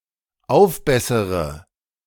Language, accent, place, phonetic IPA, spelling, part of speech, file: German, Germany, Berlin, [ˈaʊ̯fˌbɛsəʁə], aufbessere, verb, De-aufbessere.ogg
- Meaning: inflection of aufbessern: 1. first-person singular dependent present 2. first/third-person singular dependent subjunctive I